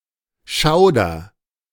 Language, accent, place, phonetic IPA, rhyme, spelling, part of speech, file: German, Germany, Berlin, [ˈʃaʊ̯dɐ], -aʊ̯dɐ, schauder, verb, De-schauder.ogg
- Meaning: inflection of schaudern: 1. first-person singular present 2. singular imperative